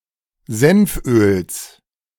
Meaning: genitive of Senföl
- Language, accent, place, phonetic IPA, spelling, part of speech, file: German, Germany, Berlin, [ˈzɛnfˌʔøːls], Senföls, noun, De-Senföls.ogg